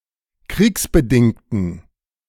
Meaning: inflection of kriegsbedingt: 1. strong genitive masculine/neuter singular 2. weak/mixed genitive/dative all-gender singular 3. strong/weak/mixed accusative masculine singular 4. strong dative plural
- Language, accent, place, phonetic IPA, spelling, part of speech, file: German, Germany, Berlin, [ˈkʁiːksbəˌdɪŋtn̩], kriegsbedingten, adjective, De-kriegsbedingten.ogg